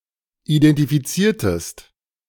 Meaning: inflection of identifizieren: 1. second-person singular preterite 2. second-person singular subjunctive II
- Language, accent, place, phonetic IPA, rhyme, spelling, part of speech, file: German, Germany, Berlin, [idɛntifiˈt͡siːɐ̯təst], -iːɐ̯təst, identifiziertest, verb, De-identifiziertest.ogg